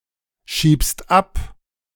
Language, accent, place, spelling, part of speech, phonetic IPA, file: German, Germany, Berlin, schiebst ab, verb, [ˌʃiːpst ˈap], De-schiebst ab.ogg
- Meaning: second-person singular present of abschieben